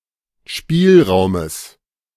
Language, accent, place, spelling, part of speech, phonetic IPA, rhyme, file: German, Germany, Berlin, Spielraumes, noun, [ˈʃpiːlˌʁaʊ̯məs], -iːlʁaʊ̯məs, De-Spielraumes.ogg
- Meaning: genitive singular of Spielraum